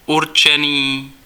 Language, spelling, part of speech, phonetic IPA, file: Czech, určený, adjective, [ˈurt͡ʃɛniː], Cs-určený.ogg
- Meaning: 1. intended 2. designated